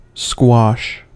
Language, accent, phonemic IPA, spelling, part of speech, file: English, US, /skwɔʃ/, squash, noun / verb / interjection, En-us-squash.ogg
- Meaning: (noun) 1. A sport played in a walled court with a soft rubber ball and bats like tennis racquets 2. A non-alcoholic drink made from a fruit-based concentrate diluted with water